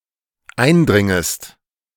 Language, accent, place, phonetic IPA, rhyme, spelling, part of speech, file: German, Germany, Berlin, [ˈaɪ̯nˌdʁɪŋəst], -aɪ̯ndʁɪŋəst, eindringest, verb, De-eindringest.ogg
- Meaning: second-person singular dependent subjunctive I of eindringen